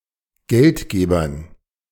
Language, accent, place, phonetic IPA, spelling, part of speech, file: German, Germany, Berlin, [ˈɡɛltˌɡeːbɐn], Geldgebern, noun, De-Geldgebern.ogg
- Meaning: dative plural of Geldgeber